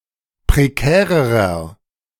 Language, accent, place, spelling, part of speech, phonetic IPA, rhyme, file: German, Germany, Berlin, prekärerer, adjective, [pʁeˈkɛːʁəʁɐ], -ɛːʁəʁɐ, De-prekärerer.ogg
- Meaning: inflection of prekär: 1. strong/mixed nominative masculine singular comparative degree 2. strong genitive/dative feminine singular comparative degree 3. strong genitive plural comparative degree